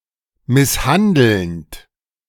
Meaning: present participle of misshandeln
- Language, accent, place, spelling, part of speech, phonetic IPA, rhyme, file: German, Germany, Berlin, misshandelnd, verb, [ˌmɪsˈhandl̩nt], -andl̩nt, De-misshandelnd.ogg